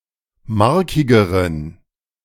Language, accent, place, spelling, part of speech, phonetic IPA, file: German, Germany, Berlin, markigeren, adjective, [ˈmaʁkɪɡəʁən], De-markigeren.ogg
- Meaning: inflection of markig: 1. strong genitive masculine/neuter singular comparative degree 2. weak/mixed genitive/dative all-gender singular comparative degree